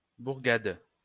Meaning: village
- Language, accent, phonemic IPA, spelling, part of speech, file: French, France, /buʁ.ɡad/, bourgade, noun, LL-Q150 (fra)-bourgade.wav